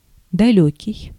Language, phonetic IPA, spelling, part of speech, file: Russian, [dɐˈlʲɵkʲɪj], далёкий, adjective, Ru-далёкий.ogg
- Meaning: 1. far, distant, remote 2. long way off, wide (of) 3. strange (to) 4. smart, clever